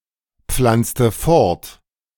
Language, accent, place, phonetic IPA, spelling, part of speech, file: German, Germany, Berlin, [ˌp͡flant͡stə ˈfɔʁt], pflanzte fort, verb, De-pflanzte fort.ogg
- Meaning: inflection of fortpflanzen: 1. first/third-person singular preterite 2. first/third-person singular subjunctive II